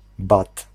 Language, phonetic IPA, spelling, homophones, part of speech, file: Polish, [bat], bat, bad, noun, Pl-bat.ogg